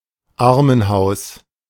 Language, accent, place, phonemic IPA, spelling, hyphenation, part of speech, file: German, Germany, Berlin, /ˈʔaʁmənˌhaʊ̯s/, Armenhaus, Ar‧men‧haus, noun, De-Armenhaus.ogg
- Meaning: poorhouse